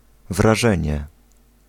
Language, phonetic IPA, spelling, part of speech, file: Polish, [vraˈʒɛ̃ɲɛ], wrażenie, noun, Pl-wrażenie.ogg